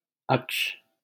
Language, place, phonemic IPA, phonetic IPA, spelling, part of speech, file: Hindi, Delhi, /əkʂ/, [ɐkʃ], अक्ष, noun, LL-Q1568 (hin)-अक्ष.wav
- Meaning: 1. axle, axis 2. die (cube used in the game of dice) 3. latitude